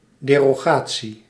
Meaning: derogation of a law or part of a law either temporarily or permanently
- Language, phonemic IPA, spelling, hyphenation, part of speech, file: Dutch, /ˌdeː.roːˈɣaː.(t)si/, derogatie, de‧ro‧ga‧tie, noun, Nl-derogatie.ogg